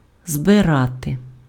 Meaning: 1. to gather, to collect 2. to harvest, to gather in (crops) 3. to assemble 4. to convoke, to convene 5. to equip, to prepare (for a journey)
- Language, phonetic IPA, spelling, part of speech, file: Ukrainian, [zbeˈrate], збирати, verb, Uk-збирати.ogg